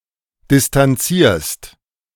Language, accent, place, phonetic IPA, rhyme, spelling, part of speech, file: German, Germany, Berlin, [dɪstanˈt͡siːɐ̯st], -iːɐ̯st, distanzierst, verb, De-distanzierst.ogg
- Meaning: second-person singular present of distanzieren